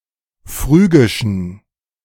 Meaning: inflection of phrygisch: 1. strong genitive masculine/neuter singular 2. weak/mixed genitive/dative all-gender singular 3. strong/weak/mixed accusative masculine singular 4. strong dative plural
- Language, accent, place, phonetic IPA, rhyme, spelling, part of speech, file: German, Germany, Berlin, [ˈfʁyːɡɪʃn̩], -yːɡɪʃn̩, phrygischen, adjective, De-phrygischen.ogg